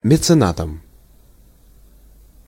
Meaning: instrumental singular of мецена́т (mecenát)
- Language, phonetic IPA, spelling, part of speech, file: Russian, [mʲɪt͡sɨˈnatəm], меценатом, noun, Ru-меценатом.ogg